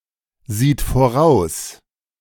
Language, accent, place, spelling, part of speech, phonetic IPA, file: German, Germany, Berlin, sieht voraus, verb, [ˌziːt foˈʁaʊ̯s], De-sieht voraus.ogg
- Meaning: third-person singular present of voraussehen